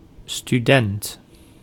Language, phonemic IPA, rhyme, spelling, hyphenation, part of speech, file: Dutch, /styˈdɛnt/, -ɛnt, student, stu‧dent, noun, Nl-student.ogg
- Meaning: 1. a student at an institute for academic tertiary education 2. a student at an institute for secondary or tertiary education